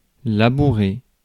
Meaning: to plough
- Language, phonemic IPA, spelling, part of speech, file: French, /la.bu.ʁe/, labourer, verb, Fr-labourer.ogg